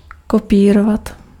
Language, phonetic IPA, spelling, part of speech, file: Czech, [ˈkopiːrovat], kopírovat, verb, Cs-kopírovat.ogg
- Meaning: to copy